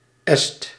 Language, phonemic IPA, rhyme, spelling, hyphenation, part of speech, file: Dutch, /ɛst/, -ɛst, Est, Est, noun / proper noun, Nl-Est.ogg
- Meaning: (noun) Estonian person; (proper noun) a village in West Betuwe, Gelderland, Netherlands